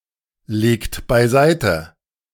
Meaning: inflection of beiseitelegen: 1. second-person plural present 2. third-person singular present 3. plural imperative
- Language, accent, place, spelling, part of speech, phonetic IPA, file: German, Germany, Berlin, legt beiseite, verb, [ˌleːkt baɪ̯ˈzaɪ̯tə], De-legt beiseite.ogg